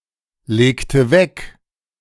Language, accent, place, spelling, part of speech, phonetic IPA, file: German, Germany, Berlin, legte weg, verb, [ˌleːktə ˈvɛk], De-legte weg.ogg
- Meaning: inflection of weglegen: 1. first/third-person singular preterite 2. first/third-person singular subjunctive II